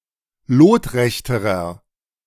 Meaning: inflection of lotrecht: 1. strong/mixed nominative masculine singular comparative degree 2. strong genitive/dative feminine singular comparative degree 3. strong genitive plural comparative degree
- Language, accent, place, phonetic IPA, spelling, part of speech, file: German, Germany, Berlin, [ˈloːtˌʁɛçtəʁɐ], lotrechterer, adjective, De-lotrechterer.ogg